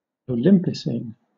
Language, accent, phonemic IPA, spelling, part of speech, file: English, Southern England, /əʊˈlɪmpɪˌsiːn/, olympicene, noun, LL-Q1860 (eng)-olympicene.wav
- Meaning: A pentacyclic aromatic hydrocarbon whose structure is in the form of the Olympic rings